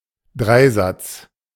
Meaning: rule of three
- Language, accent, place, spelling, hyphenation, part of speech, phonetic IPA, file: German, Germany, Berlin, Dreisatz, Drei‧satz, noun, [ˈdʁaɪ̯ˌzat͡s], De-Dreisatz.ogg